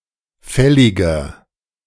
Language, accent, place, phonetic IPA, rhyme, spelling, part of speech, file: German, Germany, Berlin, [ˈfɛlɪɡɐ], -ɛlɪɡɐ, fälliger, adjective, De-fälliger.ogg
- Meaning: inflection of fällig: 1. strong/mixed nominative masculine singular 2. strong genitive/dative feminine singular 3. strong genitive plural